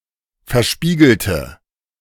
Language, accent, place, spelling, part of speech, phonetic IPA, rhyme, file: German, Germany, Berlin, verspiegelte, adjective / verb, [fɛɐ̯ˈʃpiːɡl̩tə], -iːɡl̩tə, De-verspiegelte.ogg
- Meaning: inflection of verspiegelt: 1. strong/mixed nominative/accusative feminine singular 2. strong nominative/accusative plural 3. weak nominative all-gender singular